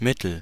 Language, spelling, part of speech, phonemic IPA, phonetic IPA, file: German, Mittel, noun, /ˈmɪtəl/, [ˈmɪtl̩], De-Mittel.ogg
- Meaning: 1. agent, appliance 2. means 3. medicament, remedy 4. funds, capital 5. median